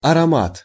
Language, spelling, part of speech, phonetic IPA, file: Russian, аромат, noun, [ɐrɐˈmat], Ru-аромат.ogg
- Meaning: aroma, fragrance, scent, perfume